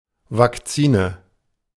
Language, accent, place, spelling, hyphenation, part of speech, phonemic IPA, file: German, Germany, Berlin, Vakzine, Vak‧zi‧ne, noun, /vakˈt͡siːnə/, De-Vakzine.ogg
- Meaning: 1. synonym of Impfstoff (“vaccine”) 2. nominative/accusative/genitive plural of Vakzin